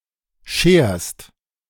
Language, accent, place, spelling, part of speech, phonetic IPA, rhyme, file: German, Germany, Berlin, scherst, verb, [ʃeːɐ̯st], -eːɐ̯st, De-scherst.ogg
- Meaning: second-person singular present of scheren